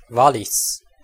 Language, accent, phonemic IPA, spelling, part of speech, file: German, Switzerland, /ˈvalɪs/, Wallis, proper noun, De-Wallis.ogg
- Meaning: 1. Valais (a canton of Switzerland) 2. Wales (a constituent country of the United Kingdom)